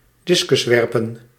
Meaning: discus throw
- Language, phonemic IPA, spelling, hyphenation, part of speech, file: Dutch, /ˈdɪs.kʏsˌʋɛr.pə(n)/, discuswerpen, dis‧cus‧wer‧pen, noun, Nl-discuswerpen.ogg